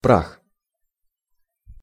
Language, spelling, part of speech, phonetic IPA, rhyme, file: Russian, прах, noun, [prax], -ax, Ru-прах.ogg
- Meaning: 1. dust, earth 2. ashes, remains